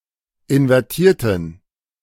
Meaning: inflection of invertiert: 1. strong genitive masculine/neuter singular 2. weak/mixed genitive/dative all-gender singular 3. strong/weak/mixed accusative masculine singular 4. strong dative plural
- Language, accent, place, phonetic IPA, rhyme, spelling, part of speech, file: German, Germany, Berlin, [ɪnvɛʁˈtiːɐ̯tn̩], -iːɐ̯tn̩, invertierten, adjective / verb, De-invertierten.ogg